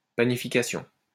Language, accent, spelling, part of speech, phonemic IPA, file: French, France, panification, noun, /pa.ni.fi.ka.sjɔ̃/, LL-Q150 (fra)-panification.wav
- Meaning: panification, breadmaking